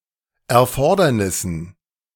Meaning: dative plural of Erfordernis
- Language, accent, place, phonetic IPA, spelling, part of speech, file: German, Germany, Berlin, [ɛɐ̯ˈfɔʁdɐnɪsn̩], Erfordernissen, noun, De-Erfordernissen.ogg